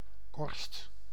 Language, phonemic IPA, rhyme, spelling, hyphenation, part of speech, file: Dutch, /kɔrst/, -ɔrst, korst, korst, noun, Nl-korst.ogg
- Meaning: 1. a crust, a scab (hard, often flaky outer layer) 2. the Earth's crust